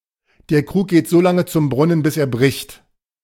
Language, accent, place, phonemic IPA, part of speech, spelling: German, Germany, Berlin, /deːɐ̯ kʁuːk ɡeːt zoː ˈlaŋə t͡sʊm ˈbʁʊnən bɪs eːɐ̯ bʁɪçt/, proverb, der Krug geht so lange zum Brunnen, bis er bricht
- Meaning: the pitcher goes so often to the well that it is broken at last